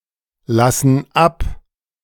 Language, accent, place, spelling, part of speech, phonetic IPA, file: German, Germany, Berlin, lassen ab, verb, [ˌlasn̩ ˈap], De-lassen ab.ogg
- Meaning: inflection of ablassen: 1. first/third-person plural present 2. first/third-person plural subjunctive I